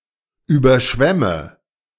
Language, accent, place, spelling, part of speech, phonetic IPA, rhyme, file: German, Germany, Berlin, überschwemme, verb, [ˌyːbɐˈʃvɛmə], -ɛmə, De-überschwemme.ogg
- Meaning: inflection of überschwemmen: 1. first-person singular present 2. first/third-person singular subjunctive I 3. singular imperative